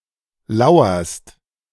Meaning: second-person singular present of lauern
- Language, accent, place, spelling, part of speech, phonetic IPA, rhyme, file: German, Germany, Berlin, lauerst, verb, [ˈlaʊ̯ɐst], -aʊ̯ɐst, De-lauerst.ogg